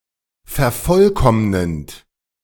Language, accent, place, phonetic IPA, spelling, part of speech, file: German, Germany, Berlin, [fɛɐ̯ˈfɔlˌkɔmnənt], vervollkommnend, verb, De-vervollkommnend.ogg
- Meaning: present participle of vervollkommnen